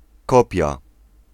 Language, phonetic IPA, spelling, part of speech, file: Polish, [ˈkɔpʲja], kopia, noun, Pl-kopia.ogg